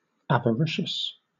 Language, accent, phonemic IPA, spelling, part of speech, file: English, Southern England, /ˌævəˈɹɪʃəs/, avaricious, adjective, LL-Q1860 (eng)-avaricious.wav
- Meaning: Actuated by avarice; extremely greedy for wealth or material gain; immoderately desirous of accumulating property